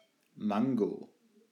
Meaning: mango (fruit)
- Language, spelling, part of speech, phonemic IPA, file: German, Mango, noun, /ˈmaŋɡo/, De-Mango.ogg